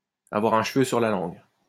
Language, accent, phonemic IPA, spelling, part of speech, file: French, France, /a.vwaʁ œ̃ ʃ(ə).vø syʁ la lɑ̃ɡ/, avoir un cheveu sur la langue, verb, LL-Q150 (fra)-avoir un cheveu sur la langue.wav
- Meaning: to lisp, to have a lisp